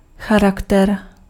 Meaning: 1. character (moral strength) 2. character (features)
- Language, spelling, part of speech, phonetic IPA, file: Czech, charakter, noun, [ˈxaraktɛr], Cs-charakter.ogg